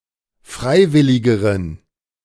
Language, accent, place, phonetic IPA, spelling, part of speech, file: German, Germany, Berlin, [ˈfʁaɪ̯ˌvɪlɪɡəʁən], freiwilligeren, adjective, De-freiwilligeren.ogg
- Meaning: inflection of freiwillig: 1. strong genitive masculine/neuter singular comparative degree 2. weak/mixed genitive/dative all-gender singular comparative degree